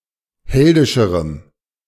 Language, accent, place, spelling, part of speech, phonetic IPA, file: German, Germany, Berlin, heldischerem, adjective, [ˈhɛldɪʃəʁəm], De-heldischerem.ogg
- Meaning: strong dative masculine/neuter singular comparative degree of heldisch